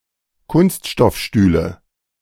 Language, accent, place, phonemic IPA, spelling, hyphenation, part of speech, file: German, Germany, Berlin, /ˈkʊnstʃtɔfˌʃtyːlə/, Kunststoffstühle, Kunst‧stoff‧stüh‧le, noun, De-Kunststoffstühle.ogg
- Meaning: nominative/accusative/genitive plural of Kunststoffstuhl